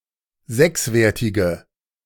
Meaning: inflection of sechswertig: 1. strong/mixed nominative/accusative feminine singular 2. strong nominative/accusative plural 3. weak nominative all-gender singular
- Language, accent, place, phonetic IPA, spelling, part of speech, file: German, Germany, Berlin, [ˈzɛksˌveːɐ̯tɪɡə], sechswertige, adjective, De-sechswertige.ogg